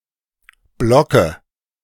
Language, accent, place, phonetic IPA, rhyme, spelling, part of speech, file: German, Germany, Berlin, [ˈblɔkə], -ɔkə, Blocke, noun, De-Blocke.ogg
- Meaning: dative singular of Block